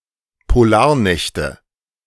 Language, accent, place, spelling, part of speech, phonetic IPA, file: German, Germany, Berlin, Polarnächte, noun, [poˈlaːɐ̯ˌnɛçtə], De-Polarnächte.ogg
- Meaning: nominative/accusative/genitive plural of Polarnacht